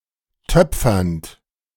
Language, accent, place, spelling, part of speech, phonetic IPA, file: German, Germany, Berlin, töpfernd, verb, [ˈtœp͡fɐnt], De-töpfernd.ogg
- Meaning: present participle of töpfern